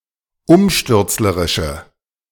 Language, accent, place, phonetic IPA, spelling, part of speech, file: German, Germany, Berlin, [ˈʊmʃtʏʁt͡sləʁɪʃə], umstürzlerische, adjective, De-umstürzlerische.ogg
- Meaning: inflection of umstürzlerisch: 1. strong/mixed nominative/accusative feminine singular 2. strong nominative/accusative plural 3. weak nominative all-gender singular